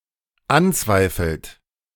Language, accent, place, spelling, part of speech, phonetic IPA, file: German, Germany, Berlin, anzweifelt, verb, [ˈanˌt͡svaɪ̯fl̩t], De-anzweifelt.ogg
- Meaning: inflection of anzweifeln: 1. third-person singular dependent present 2. second-person plural dependent present